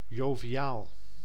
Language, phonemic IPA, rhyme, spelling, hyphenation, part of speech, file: Dutch, /ˌjoː.viˈaːl/, -aːl, joviaal, jo‧vi‧aal, adjective, Nl-joviaal.ogg
- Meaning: 1. bighearted 2. jovial, merry, cheerful 3. good-humored, friendly, relaxed